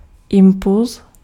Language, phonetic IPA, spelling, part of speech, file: Czech, [ˈɪmpuls], impulz, noun, Cs-impulz.ogg
- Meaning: impulse